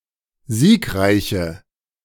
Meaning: inflection of siegreich: 1. strong/mixed nominative/accusative feminine singular 2. strong nominative/accusative plural 3. weak nominative all-gender singular
- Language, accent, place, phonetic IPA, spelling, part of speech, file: German, Germany, Berlin, [ˈziːkˌʁaɪ̯çə], siegreiche, adjective, De-siegreiche.ogg